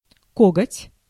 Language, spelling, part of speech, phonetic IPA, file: Russian, коготь, noun, [ˈkoɡətʲ], Ru-коготь.ogg
- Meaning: 1. claw, talon 2. clutch, climbing iron